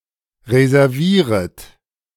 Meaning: second-person plural subjunctive I of reservieren
- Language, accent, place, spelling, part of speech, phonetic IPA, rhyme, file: German, Germany, Berlin, reservieret, verb, [ʁezɛʁˈviːʁət], -iːʁət, De-reservieret.ogg